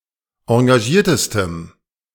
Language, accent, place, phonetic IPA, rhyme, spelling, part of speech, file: German, Germany, Berlin, [ɑ̃ɡaˈʒiːɐ̯təstəm], -iːɐ̯təstəm, engagiertestem, adjective, De-engagiertestem.ogg
- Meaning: strong dative masculine/neuter singular superlative degree of engagiert